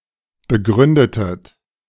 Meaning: inflection of begründen: 1. second-person plural preterite 2. second-person plural subjunctive II
- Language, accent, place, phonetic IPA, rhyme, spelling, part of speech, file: German, Germany, Berlin, [bəˈɡʁʏndətət], -ʏndətət, begründetet, verb, De-begründetet.ogg